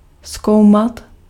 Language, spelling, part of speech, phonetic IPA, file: Czech, zkoumat, verb, [ˈskou̯mat], Cs-zkoumat.ogg
- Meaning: 1. to investigate 2. to explore